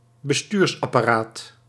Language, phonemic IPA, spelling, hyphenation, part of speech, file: Dutch, /bəˈstyːrs.ɑ.paːˈraːt/, bestuursapparaat, be‧stuurs‧ap‧pa‧raat, noun, Nl-bestuursapparaat.ogg
- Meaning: administrative apparatus, government apparatus